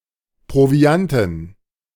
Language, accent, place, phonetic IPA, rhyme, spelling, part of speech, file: German, Germany, Berlin, [pʁoˈvi̯antn̩], -antn̩, Provianten, noun, De-Provianten.ogg
- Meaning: dative plural of Proviant